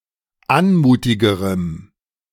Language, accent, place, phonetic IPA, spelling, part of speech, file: German, Germany, Berlin, [ˈanmuːtɪɡəʁəm], anmutigerem, adjective, De-anmutigerem.ogg
- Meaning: strong dative masculine/neuter singular comparative degree of anmutig